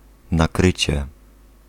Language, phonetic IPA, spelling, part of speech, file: Polish, [naˈkrɨt͡ɕɛ], nakrycie, noun, Pl-nakrycie.ogg